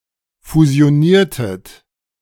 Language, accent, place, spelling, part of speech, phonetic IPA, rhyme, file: German, Germany, Berlin, fusioniertet, verb, [fuzi̯oˈniːɐ̯tət], -iːɐ̯tət, De-fusioniertet.ogg
- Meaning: inflection of fusionieren: 1. second-person plural preterite 2. second-person plural subjunctive II